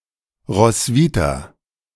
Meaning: a female given name. Saint's name, also borne by a 10th century dramatist and poet
- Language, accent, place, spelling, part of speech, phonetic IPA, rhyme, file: German, Germany, Berlin, Roswitha, proper noun, [ʁɔsˈviːtaː], -iːtaː, De-Roswitha.ogg